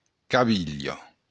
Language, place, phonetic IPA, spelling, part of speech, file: Occitan, Béarn, [kaˈβiʎo], cavilha, noun, LL-Q14185 (oci)-cavilha.wav
- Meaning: ankle